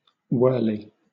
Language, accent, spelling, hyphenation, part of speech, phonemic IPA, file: English, Southern England, wurley, wur‧ley, noun, /ˈwɜːliː/, LL-Q1860 (eng)-wurley.wav
- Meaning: 1. An Australian indigenous shelter made from small branches with the leaves still attached 2. A settlement made up of such shelters